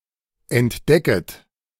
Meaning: second-person plural subjunctive I of entdecken
- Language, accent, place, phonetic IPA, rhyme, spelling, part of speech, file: German, Germany, Berlin, [ɛntˈdɛkət], -ɛkət, entdecket, verb, De-entdecket.ogg